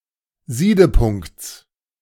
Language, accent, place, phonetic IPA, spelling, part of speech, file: German, Germany, Berlin, [ˈziːdəˌpʊŋkt͡s], Siedepunkts, noun, De-Siedepunkts.ogg
- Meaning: genitive singular of Siedepunkt